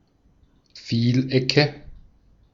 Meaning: nominative/accusative/genitive plural of Vieleck
- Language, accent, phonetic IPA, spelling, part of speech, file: German, Austria, [ˈfiːlˌʔɛkə], Vielecke, noun, De-at-Vielecke.ogg